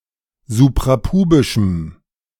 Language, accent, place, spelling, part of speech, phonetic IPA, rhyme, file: German, Germany, Berlin, suprapubischem, adjective, [zupʁaˈpuːbɪʃm̩], -uːbɪʃm̩, De-suprapubischem.ogg
- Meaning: strong dative masculine/neuter singular of suprapubisch